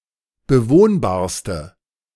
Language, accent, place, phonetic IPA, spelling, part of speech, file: German, Germany, Berlin, [bəˈvoːnbaːɐ̯stə], bewohnbarste, adjective, De-bewohnbarste.ogg
- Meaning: inflection of bewohnbar: 1. strong/mixed nominative/accusative feminine singular superlative degree 2. strong nominative/accusative plural superlative degree